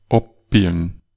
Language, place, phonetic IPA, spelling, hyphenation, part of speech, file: German, Bavaria, [ˈapbiːɡn̩], abbiegen, ab‧bie‧gen, verb, Bar-abbiegen.ogg
- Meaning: 1. to turn, to turn off 2. to bend, to turn (of a road, street, path, etc.) 3. to fold (metal) 4. to head off, to stave off 5. to branch off